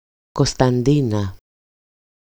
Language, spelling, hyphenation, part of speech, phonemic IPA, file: Greek, Κωσταντίνα, Κω‧στα‧ντί‧να, proper noun, /ko.stanˈdi.na/, EL-Κωσταντίνα.ogg
- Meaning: alternative form of Κωνσταντίνα (Konstantína, “Constantina”), pronounced without the first nu (ν)